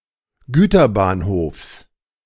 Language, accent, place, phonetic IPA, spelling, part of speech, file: German, Germany, Berlin, [ˈɡyːtɐˌbaːnhoːfs], Güterbahnhofs, noun, De-Güterbahnhofs.ogg
- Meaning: genitive of Güterbahnhof